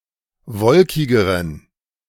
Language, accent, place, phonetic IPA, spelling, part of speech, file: German, Germany, Berlin, [ˈvɔlkɪɡəʁən], wolkigeren, adjective, De-wolkigeren.ogg
- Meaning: inflection of wolkig: 1. strong genitive masculine/neuter singular comparative degree 2. weak/mixed genitive/dative all-gender singular comparative degree